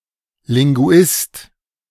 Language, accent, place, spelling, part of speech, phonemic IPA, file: German, Germany, Berlin, Linguist, noun, /lɪŋˈɡu̯ɪst/, De-Linguist.ogg
- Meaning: linguist